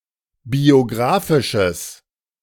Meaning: strong/mixed nominative/accusative neuter singular of biographisch
- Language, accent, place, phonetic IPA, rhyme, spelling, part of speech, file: German, Germany, Berlin, [bioˈɡʁaːfɪʃəs], -aːfɪʃəs, biographisches, adjective, De-biographisches.ogg